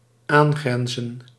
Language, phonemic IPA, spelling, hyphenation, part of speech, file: Dutch, /ˈaːnˌɣrɛn.zə(n)/, aangrenzen, aan‧gren‧zen, verb, Nl-aangrenzen.ogg
- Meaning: to border on